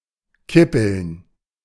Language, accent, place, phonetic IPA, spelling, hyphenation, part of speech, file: German, Germany, Berlin, [ˈkɪpl̩n], kippeln, kip‧peln, verb, De-kippeln.ogg
- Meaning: 1. to tilt back and forth, to wobble 2. to tilt one's chair back